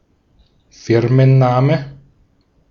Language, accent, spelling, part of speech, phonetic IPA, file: German, Austria, Firmenname, noun, [ˈfɪʁmənˌnaːmə], De-at-Firmenname.ogg
- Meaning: company name